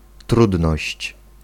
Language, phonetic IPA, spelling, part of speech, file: Polish, [ˈtrudnɔɕt͡ɕ], trudność, noun, Pl-trudność.ogg